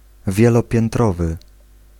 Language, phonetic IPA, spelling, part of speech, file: Polish, [ˌvʲjɛlɔpʲjɛ̃nˈtrɔvɨ], wielopiętrowy, adjective, Pl-wielopiętrowy.ogg